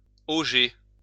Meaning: 1. to dig in order to get the shape of a trough 2. to bend a piece of flat iron into the shape of a gutter, of an eavestrough
- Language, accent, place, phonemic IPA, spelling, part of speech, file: French, France, Lyon, /o.ʒe/, auger, verb, LL-Q150 (fra)-auger.wav